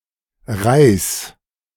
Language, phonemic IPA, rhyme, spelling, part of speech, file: German, /ʁaɪ̯s/, -aɪ̯s, Reis, noun, De-Reis2.ogg
- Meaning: 1. rice 2. shoot (of a plant), little twig